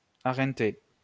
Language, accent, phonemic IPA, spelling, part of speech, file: French, France, /a.ʁɑ̃.te/, arrenter, verb, LL-Q150 (fra)-arrenter.wav
- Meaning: to pay a pension, annuity etc